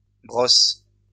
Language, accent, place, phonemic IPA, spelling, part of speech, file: French, France, Lyon, /bʁɔs/, brosses, noun / verb, LL-Q150 (fra)-brosses.wav
- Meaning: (noun) plural of brosse; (verb) second-person singular present indicative/subjunctive of brosser